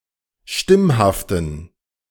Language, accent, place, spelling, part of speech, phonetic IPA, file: German, Germany, Berlin, stimmhaften, adjective, [ˈʃtɪmhaftn̩], De-stimmhaften.ogg
- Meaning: inflection of stimmhaft: 1. strong genitive masculine/neuter singular 2. weak/mixed genitive/dative all-gender singular 3. strong/weak/mixed accusative masculine singular 4. strong dative plural